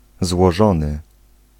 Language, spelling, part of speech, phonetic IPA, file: Polish, złożony, verb / adjective, [zwɔˈʒɔ̃nɨ], Pl-złożony.ogg